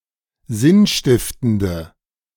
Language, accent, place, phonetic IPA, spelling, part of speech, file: German, Germany, Berlin, [ˈzɪnˌʃtɪftəndə], sinnstiftende, adjective, De-sinnstiftende.ogg
- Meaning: inflection of sinnstiftend: 1. strong/mixed nominative/accusative feminine singular 2. strong nominative/accusative plural 3. weak nominative all-gender singular